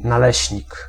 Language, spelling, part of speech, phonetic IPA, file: Polish, naleśnik, noun, [naˈlɛɕɲik], Pl-naleśnik.ogg